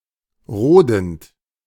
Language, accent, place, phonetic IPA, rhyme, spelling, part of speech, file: German, Germany, Berlin, [ˈʁoːdn̩t], -oːdn̩t, rodend, verb, De-rodend.ogg
- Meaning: present participle of roden